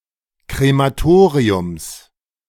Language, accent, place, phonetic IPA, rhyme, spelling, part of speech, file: German, Germany, Berlin, [kʁemaˈtoːʁiʊms], -oːʁiʊms, Krematoriums, noun, De-Krematoriums.ogg
- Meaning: genitive of Krematorium